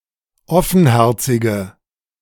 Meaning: inflection of offenherzig: 1. strong/mixed nominative/accusative feminine singular 2. strong nominative/accusative plural 3. weak nominative all-gender singular
- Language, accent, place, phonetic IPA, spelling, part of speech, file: German, Germany, Berlin, [ˈɔfn̩ˌhɛʁt͡sɪɡə], offenherzige, adjective, De-offenherzige.ogg